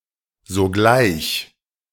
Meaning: immediately, straight away
- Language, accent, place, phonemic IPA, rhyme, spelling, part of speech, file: German, Germany, Berlin, /zoˈɡlaɪ̯ç/, -aɪ̯ç, sogleich, adverb, De-sogleich.ogg